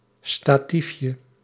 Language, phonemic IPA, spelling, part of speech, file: Dutch, /staˈtifjə/, statiefje, noun, Nl-statiefje.ogg
- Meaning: diminutive of statief